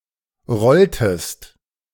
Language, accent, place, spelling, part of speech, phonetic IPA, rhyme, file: German, Germany, Berlin, rolltest, verb, [ˈʁɔltəst], -ɔltəst, De-rolltest.ogg
- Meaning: inflection of rollen: 1. second-person singular preterite 2. second-person singular subjunctive II